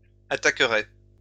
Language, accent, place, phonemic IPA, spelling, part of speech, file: French, France, Lyon, /a.ta.kʁɛ/, attaquerait, verb, LL-Q150 (fra)-attaquerait.wav
- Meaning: third-person singular conditional of attaquer